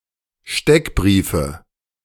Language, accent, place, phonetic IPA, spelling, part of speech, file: German, Germany, Berlin, [ˈʃtɛkˌbʁiːfə], Steckbriefe, noun, De-Steckbriefe.ogg
- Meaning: nominative/accusative/genitive plural of Steckbrief